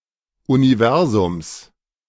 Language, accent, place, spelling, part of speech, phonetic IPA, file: German, Germany, Berlin, Universums, noun, [uniˈvɛʁzʊms], De-Universums.ogg
- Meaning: genitive singular of Universum